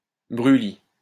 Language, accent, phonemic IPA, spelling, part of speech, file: French, France, /bʁy.li/, brûlis, noun, LL-Q150 (fra)-brûlis.wav
- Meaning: 1. swidden, woodland exposed to slash and burn 2. slash and burn technique